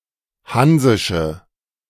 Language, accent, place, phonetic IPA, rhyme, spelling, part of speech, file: German, Germany, Berlin, [ˈhanzɪʃə], -anzɪʃə, hansische, adjective, De-hansische.ogg
- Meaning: inflection of hansisch: 1. strong/mixed nominative/accusative feminine singular 2. strong nominative/accusative plural 3. weak nominative all-gender singular